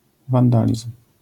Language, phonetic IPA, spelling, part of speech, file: Polish, [vãnˈdalʲism̥], wandalizm, noun, LL-Q809 (pol)-wandalizm.wav